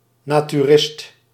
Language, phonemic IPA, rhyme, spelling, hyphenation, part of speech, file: Dutch, /ˌnaː.tyˈrɪst/, -ɪst, naturist, na‧tu‧rist, noun, Nl-naturist.ogg
- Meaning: a naturist